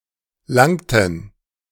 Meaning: inflection of langen: 1. first/third-person plural preterite 2. first/third-person plural subjunctive II
- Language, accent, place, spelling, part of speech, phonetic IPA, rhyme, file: German, Germany, Berlin, langten, verb, [ˈlaŋtn̩], -aŋtn̩, De-langten.ogg